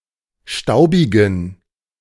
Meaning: inflection of staubig: 1. strong genitive masculine/neuter singular 2. weak/mixed genitive/dative all-gender singular 3. strong/weak/mixed accusative masculine singular 4. strong dative plural
- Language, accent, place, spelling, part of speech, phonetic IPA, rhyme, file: German, Germany, Berlin, staubigen, adjective, [ˈʃtaʊ̯bɪɡn̩], -aʊ̯bɪɡn̩, De-staubigen.ogg